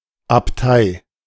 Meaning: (noun) abbey; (proper noun) a municipality of South Tyrol
- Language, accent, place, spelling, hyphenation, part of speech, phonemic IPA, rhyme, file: German, Germany, Berlin, Abtei, Ab‧tei, noun / proper noun, /apˈtaɪ̯/, -aɪ̯, De-Abtei.ogg